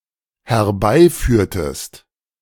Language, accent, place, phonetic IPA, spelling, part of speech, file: German, Germany, Berlin, [hɛɐ̯ˈbaɪ̯ˌfyːɐ̯təst], herbeiführtest, verb, De-herbeiführtest.ogg
- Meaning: inflection of herbeiführen: 1. second-person singular dependent preterite 2. second-person singular dependent subjunctive II